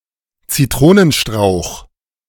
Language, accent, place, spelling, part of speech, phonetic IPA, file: German, Germany, Berlin, Zitronenstrauch, noun, [t͡siˈtʁoːnənˌʃtʁaʊ̯x], De-Zitronenstrauch.ogg
- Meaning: lemon verbena (shrub)